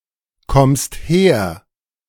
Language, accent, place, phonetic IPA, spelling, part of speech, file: German, Germany, Berlin, [ˌkɔmst ˈheːɐ̯], kommst her, verb, De-kommst her.ogg
- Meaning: second-person singular present of herkommen